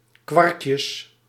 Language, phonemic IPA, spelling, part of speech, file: Dutch, /ˈkwɑrkjəs/, kwarkjes, noun, Nl-kwarkjes.ogg
- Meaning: plural of kwarkje